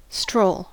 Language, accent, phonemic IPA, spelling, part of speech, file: English, US, /stɹoʊ̯l/, stroll, noun / verb, En-us-stroll.ogg
- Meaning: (noun) A wandering on foot; an idle and leisurely walk; a ramble; a saunter